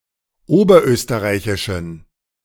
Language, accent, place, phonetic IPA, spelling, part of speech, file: German, Germany, Berlin, [ˈoːbɐˌʔøːstəʁaɪ̯çɪʃn̩], oberösterreichischen, adjective, De-oberösterreichischen.ogg
- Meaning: inflection of oberösterreichisch: 1. strong genitive masculine/neuter singular 2. weak/mixed genitive/dative all-gender singular 3. strong/weak/mixed accusative masculine singular